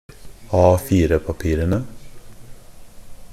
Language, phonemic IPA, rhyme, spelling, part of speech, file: Norwegian Bokmål, /ˈɑːfiːrəpapiːrənə/, -ənə, A4-papirene, noun, NB - Pronunciation of Norwegian Bokmål «A4-papirene».ogg
- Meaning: definite plural of A4-papir